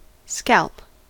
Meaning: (noun) 1. The top of the head; the skull 2. The part of the head where the hair grows from, or used to grow from
- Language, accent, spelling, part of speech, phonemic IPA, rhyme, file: English, US, scalp, noun / verb, /skælp/, -ælp, En-us-scalp.ogg